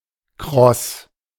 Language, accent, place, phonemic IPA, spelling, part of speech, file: German, Germany, Berlin, /ˈkʁɔs/, kross, adjective, De-kross.ogg
- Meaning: 1. crispy; crunchy 2. fried in such a way that the edges become crispy